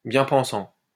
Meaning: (adjective) alternative spelling of bien-pensant
- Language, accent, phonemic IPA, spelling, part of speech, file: French, France, /bjɛ̃ pɑ̃.sɑ̃/, bien pensant, adjective / noun, LL-Q150 (fra)-bien pensant.wav